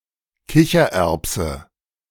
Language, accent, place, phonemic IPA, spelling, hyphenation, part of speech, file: German, Germany, Berlin, /ˈkɪçɐˌɛrpsə/, Kichererbse, Ki‧cher‧erb‧se, noun, De-Kichererbse.ogg
- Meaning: chickpea (Cicer arietinum)